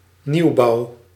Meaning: 1. new development, newly built buildings particularly in reference to housing 2. the newly built portion(s) of a building or organisation
- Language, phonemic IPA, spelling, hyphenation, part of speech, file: Dutch, /ˈniu̯.bɑu̯/, nieuwbouw, nieuw‧bouw, noun, Nl-nieuwbouw.ogg